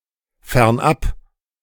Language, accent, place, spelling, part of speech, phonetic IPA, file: German, Germany, Berlin, fernab, adverb / preposition, [fɛʁnˈʔap], De-fernab.ogg
- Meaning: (adverb) far away; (preposition) far away from